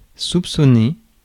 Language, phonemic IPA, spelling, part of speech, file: French, /sup.sɔ.ne/, soupçonner, verb, Fr-soupçonner.ogg
- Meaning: to suspect (have a suspicion)